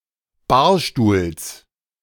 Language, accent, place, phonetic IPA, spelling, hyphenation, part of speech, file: German, Germany, Berlin, [ˈbaːɐ̯ˌʃtuːls], Barstuhls, Bar‧stuhls, noun, De-Barstuhls.ogg
- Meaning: genitive singular of Barstuhl